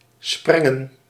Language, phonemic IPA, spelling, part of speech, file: Dutch, /ˈsprɛŋə(n)/, sprengen, verb / noun, Nl-sprengen.ogg
- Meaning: plural of spreng